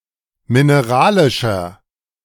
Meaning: inflection of mineralisch: 1. strong/mixed nominative masculine singular 2. strong genitive/dative feminine singular 3. strong genitive plural
- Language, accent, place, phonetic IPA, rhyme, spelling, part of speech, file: German, Germany, Berlin, [mɪneˈʁaːlɪʃɐ], -aːlɪʃɐ, mineralischer, adjective, De-mineralischer.ogg